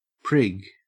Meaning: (noun) 1. A deliberately superior person; a person who demonstrates an exaggerated conformity or propriety, especially in an irritatingly arrogant or smug manner 2. A conceited dandy; a fop
- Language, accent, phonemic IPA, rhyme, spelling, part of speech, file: English, Australia, /pɹɪɡ/, -ɪɡ, prig, noun / verb, En-au-prig.ogg